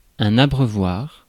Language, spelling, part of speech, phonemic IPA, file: French, abreuvoir, noun, /a.bʁœ.vwaʁ/, Fr-abreuvoir.ogg
- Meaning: 1. a watering hole or place for animals 2. a drinking fountain